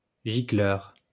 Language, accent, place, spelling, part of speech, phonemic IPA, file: French, France, Lyon, gicleur, noun, /ʒi.klœʁ/, LL-Q150 (fra)-gicleur.wav
- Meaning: 1. jet (of water) 2. nozzle 3. sprinkler (for a building)